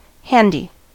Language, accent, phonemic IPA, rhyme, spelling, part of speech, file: English, US, /ˈhæn.di/, -ændi, handy, adjective, En-us-handy.ogg
- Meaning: 1. Easy to use, useful 2. Nearby, within reach 3. Dexterous, skilful. (of a person) 4. Physically violent; tending to use one's fists